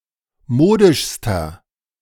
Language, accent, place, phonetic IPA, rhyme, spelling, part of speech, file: German, Germany, Berlin, [ˈmoːdɪʃstɐ], -oːdɪʃstɐ, modischster, adjective, De-modischster.ogg
- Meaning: inflection of modisch: 1. strong/mixed nominative masculine singular superlative degree 2. strong genitive/dative feminine singular superlative degree 3. strong genitive plural superlative degree